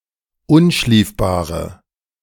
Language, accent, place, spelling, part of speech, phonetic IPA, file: German, Germany, Berlin, unschliefbare, adjective, [ˈʊnˌʃliːfbaːʁə], De-unschliefbare.ogg
- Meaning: inflection of unschliefbar: 1. strong/mixed nominative/accusative feminine singular 2. strong nominative/accusative plural 3. weak nominative all-gender singular